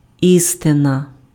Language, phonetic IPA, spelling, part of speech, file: Ukrainian, [ˈistenɐ], істина, noun, Uk-істина.ogg
- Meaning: 1. truth 2. synonym of і́ста (ísta, “capital, principal”)